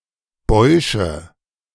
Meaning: nominative/accusative/genitive plural of Bausch
- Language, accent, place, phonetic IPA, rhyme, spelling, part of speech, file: German, Germany, Berlin, [ˈbɔɪ̯ʃə], -ɔɪ̯ʃə, Bäusche, noun, De-Bäusche.ogg